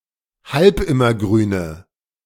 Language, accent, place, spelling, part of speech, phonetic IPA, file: German, Germany, Berlin, halbimmergrüne, adjective, [ˈhalpˌɪmɐˌɡʁyːnə], De-halbimmergrüne.ogg
- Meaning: inflection of halbimmergrün: 1. strong/mixed nominative/accusative feminine singular 2. strong nominative/accusative plural 3. weak nominative all-gender singular